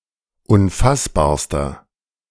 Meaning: inflection of unfassbar: 1. strong/mixed nominative masculine singular superlative degree 2. strong genitive/dative feminine singular superlative degree 3. strong genitive plural superlative degree
- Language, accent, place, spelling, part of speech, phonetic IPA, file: German, Germany, Berlin, unfassbarster, adjective, [ʊnˈfasbaːɐ̯stɐ], De-unfassbarster.ogg